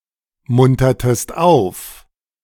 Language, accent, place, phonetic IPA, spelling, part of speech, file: German, Germany, Berlin, [ˌmʊntɐtəst ˈaʊ̯f], muntertest auf, verb, De-muntertest auf.ogg
- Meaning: inflection of aufmuntern: 1. second-person singular preterite 2. second-person singular subjunctive II